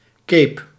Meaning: a cape
- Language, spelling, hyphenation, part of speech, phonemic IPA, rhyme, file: Dutch, cape, cape, noun, /keːp/, -eːp, Nl-cape.ogg